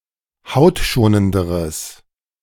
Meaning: strong/mixed nominative/accusative neuter singular comparative degree of hautschonend
- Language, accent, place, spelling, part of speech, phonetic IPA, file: German, Germany, Berlin, hautschonenderes, adjective, [ˈhaʊ̯tˌʃoːnəndəʁəs], De-hautschonenderes.ogg